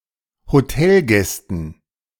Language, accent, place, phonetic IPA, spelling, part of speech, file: German, Germany, Berlin, [hoˈtɛlˌɡɛstn̩], Hotelgästen, noun, De-Hotelgästen.ogg
- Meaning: dative plural of Hotelgast